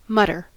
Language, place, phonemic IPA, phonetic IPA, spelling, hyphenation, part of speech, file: English, California, /ˈmʌtɚ/, [ˈmʌɾɚ], mutter, mut‧ter, noun / verb, En-us-mutter.ogg
- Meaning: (noun) A repressed or obscure utterance; an instance of muttering